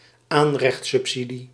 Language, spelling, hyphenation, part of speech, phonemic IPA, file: Dutch, aanrechtsubsidie, aan‧recht‧sub‧si‧die, noun, /ˈaːn.rɛxt.sʏpˌsi.di/, Nl-aanrechtsubsidie.ogg
- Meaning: a subsidy, usually a rebate, for a couple of whom one partner does not participate in the labour market